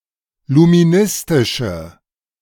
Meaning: inflection of luministisch: 1. strong/mixed nominative/accusative feminine singular 2. strong nominative/accusative plural 3. weak nominative all-gender singular
- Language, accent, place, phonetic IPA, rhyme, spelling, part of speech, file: German, Germany, Berlin, [lumiˈnɪstɪʃə], -ɪstɪʃə, luministische, adjective, De-luministische.ogg